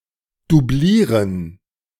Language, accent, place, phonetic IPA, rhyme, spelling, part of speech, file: German, Germany, Berlin, [duˈbliːʁən], -iːʁən, doublieren, verb, De-doublieren.ogg
- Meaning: alternative spelling of dublieren